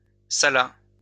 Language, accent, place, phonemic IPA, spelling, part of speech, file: French, France, Lyon, /sa.la/, sala, verb, LL-Q150 (fra)-sala.wav
- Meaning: third-person singular past historic of saler